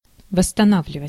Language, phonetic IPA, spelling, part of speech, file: Russian, [vəsːtɐˈnavlʲɪvətʲ], восстанавливать, verb, Ru-восстанавливать.ogg
- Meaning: 1. to restore, to reestablish, to reinstate 2. to recover, to recuperate 3. to regain, to retrieve 4. to regenerate, to reclaim 5. to reconstruct, to rebuild 6. to repair, to revive 7. to reinstall